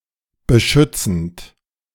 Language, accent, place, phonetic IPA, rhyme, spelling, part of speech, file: German, Germany, Berlin, [bəˈʃʏt͡sn̩t], -ʏt͡sn̩t, beschützend, verb, De-beschützend.ogg
- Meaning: present participle of beschützen